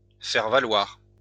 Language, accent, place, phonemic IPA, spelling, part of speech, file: French, France, Lyon, /fɛʁ va.lwaʁ/, faire valoir, verb, LL-Q150 (fra)-faire valoir.wav
- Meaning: to assert, affirm